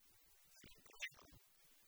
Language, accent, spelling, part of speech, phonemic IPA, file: Tamil, India, இருக்கு வேதம், proper noun, /ɪɾʊkːɯ ʋeːd̪ɐm/, Ta-இருக்கு வேதம்.ogg
- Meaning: Rigveda